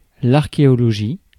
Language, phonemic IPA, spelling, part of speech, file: French, /aʁ.ke.ɔ.lɔ.ʒi/, archéologie, noun, Fr-archéologie.ogg
- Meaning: archaeology (scientific study of past remains)